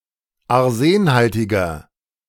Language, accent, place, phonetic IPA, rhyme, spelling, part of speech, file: German, Germany, Berlin, [aʁˈzeːnˌhaltɪɡɐ], -eːnhaltɪɡɐ, arsenhaltiger, adjective, De-arsenhaltiger.ogg
- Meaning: inflection of arsenhaltig: 1. strong/mixed nominative masculine singular 2. strong genitive/dative feminine singular 3. strong genitive plural